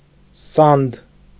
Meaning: mortar
- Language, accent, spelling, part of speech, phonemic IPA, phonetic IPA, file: Armenian, Eastern Armenian, սանդ, noun, /sɑnd/, [sɑnd], Hy-սանդ.ogg